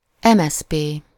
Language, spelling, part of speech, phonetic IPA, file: Hungarian, MSZP, proper noun, [ˈɛmɛspeː], Hu-MSZP.ogg
- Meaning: Hungarian Socialist Party, a social democratic political party in Hungary